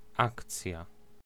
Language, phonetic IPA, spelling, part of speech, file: Polish, [ˈakt͡sʲja], akcja, noun, Pl-akcja.ogg